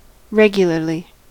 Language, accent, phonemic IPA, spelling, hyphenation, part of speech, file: English, US, /ˈɹɛɡ.jə.lɚ.li/, regularly, reg‧u‧lar‧ly, adverb, En-us-regularly.ogg
- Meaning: 1. With constant frequency or pattern 2. normally; ordinarily